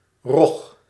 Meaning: 1. ray (flat-bodied marine fish) 2. stingray 3. skate (flat-bodied fish of the family Rajidae)
- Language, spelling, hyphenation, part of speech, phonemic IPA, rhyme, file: Dutch, rog, rog, noun, /rɔx/, -ɔx, Nl-rog.ogg